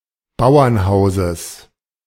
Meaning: genitive of Bauernhaus
- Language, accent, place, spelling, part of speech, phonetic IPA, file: German, Germany, Berlin, Bauernhauses, noun, [ˈbaʊ̯ɐnˌhaʊ̯zəs], De-Bauernhauses.ogg